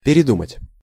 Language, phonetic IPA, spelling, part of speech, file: Russian, [pʲɪrʲɪˈdumətʲ], передумать, verb, Ru-передумать.ogg
- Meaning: 1. to change one's mind 2. to think over multiple things or many times